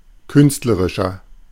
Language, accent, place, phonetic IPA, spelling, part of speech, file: German, Germany, Berlin, [ˈkʏnstləʁɪʃɐ], künstlerischer, adjective, De-künstlerischer.ogg
- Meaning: 1. comparative degree of künstlerisch 2. inflection of künstlerisch: strong/mixed nominative masculine singular 3. inflection of künstlerisch: strong genitive/dative feminine singular